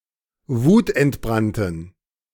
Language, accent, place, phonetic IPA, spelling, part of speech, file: German, Germany, Berlin, [ˈvuːtʔɛntˌbʁantn̩], wutentbrannten, adjective, De-wutentbrannten.ogg
- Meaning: inflection of wutentbrannt: 1. strong genitive masculine/neuter singular 2. weak/mixed genitive/dative all-gender singular 3. strong/weak/mixed accusative masculine singular 4. strong dative plural